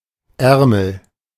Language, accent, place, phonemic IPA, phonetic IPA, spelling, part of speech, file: German, Germany, Berlin, /ˈɛʁməl/, [ˈʔɛʁml̩], Ärmel, noun, De-Ärmel.ogg
- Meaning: sleeve